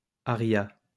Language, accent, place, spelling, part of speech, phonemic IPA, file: French, France, Lyon, aria, noun, /a.ʁja/, LL-Q150 (fra)-aria.wav
- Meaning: aria